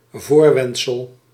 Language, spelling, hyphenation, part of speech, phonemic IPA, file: Dutch, voorwendsel, voor‧wend‧sel, noun, /ˈvoːrˌʋɛnt.səl/, Nl-voorwendsel.ogg
- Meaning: pretense, excuse, pretext